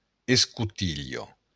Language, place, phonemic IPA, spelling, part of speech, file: Occitan, Béarn, /es.kuˈtiʎ.a/, escotilha, noun, LL-Q14185 (oci)-escotilha.wav
- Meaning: hatch